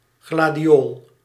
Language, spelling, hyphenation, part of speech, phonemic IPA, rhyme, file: Dutch, gladiool, gla‧di‧ool, noun, /ˌɣlaː.diˈoːl/, -oːl, Nl-gladiool.ogg
- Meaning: any of several flowering plants, of the genus Gladiolus, having sword-shaped leaves and showy flowers on spikes; gladiolus, gladiola